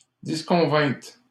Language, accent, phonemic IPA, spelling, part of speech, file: French, Canada, /dis.kɔ̃.vɛ̃t/, disconvîntes, verb, LL-Q150 (fra)-disconvîntes.wav
- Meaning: second-person plural past historic of disconvenir